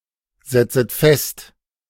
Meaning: second-person plural subjunctive I of festsetzen
- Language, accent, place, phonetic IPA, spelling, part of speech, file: German, Germany, Berlin, [ˌzɛt͡sət ˈfɛst], setzet fest, verb, De-setzet fest.ogg